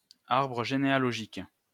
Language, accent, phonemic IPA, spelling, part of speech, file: French, France, /aʁ.bʁə ʒe.ne.a.lɔ.ʒik/, arbre généalogique, noun, LL-Q150 (fra)-arbre généalogique.wav
- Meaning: family tree